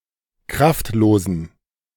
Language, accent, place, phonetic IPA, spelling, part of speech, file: German, Germany, Berlin, [ˈkʁaftˌloːzn̩], kraftlosen, adjective, De-kraftlosen.ogg
- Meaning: inflection of kraftlos: 1. strong genitive masculine/neuter singular 2. weak/mixed genitive/dative all-gender singular 3. strong/weak/mixed accusative masculine singular 4. strong dative plural